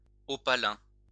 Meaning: opal (having an opal color)
- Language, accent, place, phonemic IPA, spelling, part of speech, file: French, France, Lyon, /ɔ.pa.lɛ̃/, opalin, adjective, LL-Q150 (fra)-opalin.wav